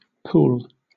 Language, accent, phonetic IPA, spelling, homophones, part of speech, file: English, Southern England, [pʊwl], pool, Poole / pall, noun / verb, LL-Q1860 (eng)-pool.wav
- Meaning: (noun) A small and rather deep area of (usually) fresh water, as one supplied by a spring, or occurring in the course of a stream or river; a reservoir for water